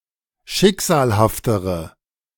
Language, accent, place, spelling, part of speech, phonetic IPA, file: German, Germany, Berlin, schicksalhaftere, adjective, [ˈʃɪkz̥aːlhaftəʁə], De-schicksalhaftere.ogg
- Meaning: inflection of schicksalhaft: 1. strong/mixed nominative/accusative feminine singular comparative degree 2. strong nominative/accusative plural comparative degree